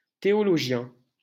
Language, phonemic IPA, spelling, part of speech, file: French, /te.ɔ.lɔ.ʒjɛ̃/, théologien, noun, LL-Q150 (fra)-théologien.wav
- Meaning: theologian